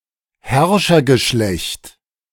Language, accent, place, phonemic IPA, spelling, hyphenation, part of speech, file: German, Germany, Berlin, /ˈhɛʁʃɐɡəˌʃlɛçt/, Herrschergeschlecht, Herr‧scher‧ge‧schlecht, noun, De-Herrschergeschlecht.ogg
- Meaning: dynasty